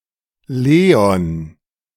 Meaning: a male given name, variant of Leo
- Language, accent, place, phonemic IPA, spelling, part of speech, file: German, Germany, Berlin, /ˈleːɔn/, Leon, proper noun, De-Leon.ogg